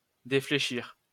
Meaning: to deflect
- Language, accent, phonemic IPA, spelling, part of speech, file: French, France, /de.fle.ʃiʁ/, défléchir, verb, LL-Q150 (fra)-défléchir.wav